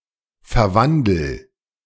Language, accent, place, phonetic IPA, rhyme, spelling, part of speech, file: German, Germany, Berlin, [fɛɐ̯ˈvandl̩], -andl̩, verwandel, verb, De-verwandel.ogg
- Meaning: inflection of verwandeln: 1. first-person singular present 2. singular imperative